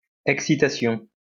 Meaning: excitement
- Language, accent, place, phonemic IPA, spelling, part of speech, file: French, France, Lyon, /ɛk.si.ta.sjɔ̃/, excitation, noun, LL-Q150 (fra)-excitation.wav